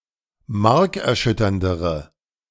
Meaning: inflection of markerschütternd: 1. strong/mixed nominative/accusative feminine singular comparative degree 2. strong nominative/accusative plural comparative degree
- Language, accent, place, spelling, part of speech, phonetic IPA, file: German, Germany, Berlin, markerschütterndere, adjective, [ˈmaʁkɛɐ̯ˌʃʏtɐndəʁə], De-markerschütterndere.ogg